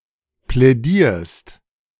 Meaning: second-person singular present of plädieren
- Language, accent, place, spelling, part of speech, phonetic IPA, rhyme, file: German, Germany, Berlin, plädierst, verb, [plɛˈdiːɐ̯st], -iːɐ̯st, De-plädierst.ogg